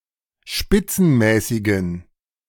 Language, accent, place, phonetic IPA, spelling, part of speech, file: German, Germany, Berlin, [ˈʃpɪt͡sn̩ˌmɛːsɪɡn̩], spitzenmäßigen, adjective, De-spitzenmäßigen.ogg
- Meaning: inflection of spitzenmäßig: 1. strong genitive masculine/neuter singular 2. weak/mixed genitive/dative all-gender singular 3. strong/weak/mixed accusative masculine singular 4. strong dative plural